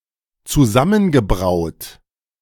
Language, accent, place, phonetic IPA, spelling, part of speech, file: German, Germany, Berlin, [t͡suˈzamənɡəˌbʁaʊ̯t], zusammengebraut, verb, De-zusammengebraut.ogg
- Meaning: past participle of zusammenbrauen